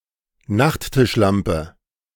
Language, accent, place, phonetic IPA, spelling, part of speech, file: German, Germany, Berlin, [ˈnaxttɪʃˌlampə], Nachttischlampe, noun, De-Nachttischlampe.ogg
- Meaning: bedside light